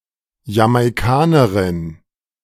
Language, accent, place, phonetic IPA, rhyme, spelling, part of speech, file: German, Germany, Berlin, [jamaɪ̯ˈkaːnəʁɪn], -aːnəʁɪn, Jamaikanerin, noun, De-Jamaikanerin.ogg
- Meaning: Jamaican (female person of Jamaican descent)